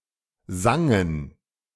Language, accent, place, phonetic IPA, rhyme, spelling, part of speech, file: German, Germany, Berlin, [ˈzaŋən], -aŋən, sangen, verb, De-sangen.ogg
- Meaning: first/third-person plural preterite of singen